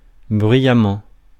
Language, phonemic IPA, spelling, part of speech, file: French, /bʁɥi.ja.mɑ̃/, bruyamment, adverb, Fr-bruyamment.ogg
- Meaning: noisily